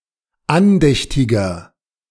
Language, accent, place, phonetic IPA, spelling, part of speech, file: German, Germany, Berlin, [ˈanˌdɛçtɪɡɐ], andächtiger, adjective, De-andächtiger.ogg
- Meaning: 1. comparative degree of andächtig 2. inflection of andächtig: strong/mixed nominative masculine singular 3. inflection of andächtig: strong genitive/dative feminine singular